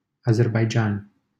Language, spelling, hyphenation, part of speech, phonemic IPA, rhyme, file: Romanian, Azerbaidjan, A‧zer‧bai‧djan, proper noun, /a.zer.bajˈd͡ʒan/, -an, LL-Q7913 (ron)-Azerbaidjan.wav
- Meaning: Azerbaijan (a country in the South Caucasus in Asia and Europe)